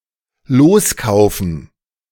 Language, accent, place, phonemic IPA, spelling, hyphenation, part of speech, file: German, Germany, Berlin, /ˈloːsˌkaʊ̯fn̩/, loskaufen, los‧kau‧fen, verb, De-loskaufen.ogg
- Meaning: to ransom (someone)